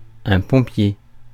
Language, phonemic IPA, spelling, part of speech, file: French, /pɔ̃.pje/, pompier, noun, Fr-pompier.ogg
- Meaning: 1. fireman, firefighter 2. blowjob